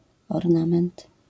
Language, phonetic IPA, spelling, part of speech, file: Polish, [ɔrˈnãmɛ̃nt], ornament, noun, LL-Q809 (pol)-ornament.wav